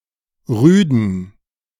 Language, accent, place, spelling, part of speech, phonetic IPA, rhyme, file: German, Germany, Berlin, rüden, adjective, [ˈʁyːdn̩], -yːdn̩, De-rüden.ogg
- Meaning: inflection of rüde: 1. strong genitive masculine/neuter singular 2. weak/mixed genitive/dative all-gender singular 3. strong/weak/mixed accusative masculine singular 4. strong dative plural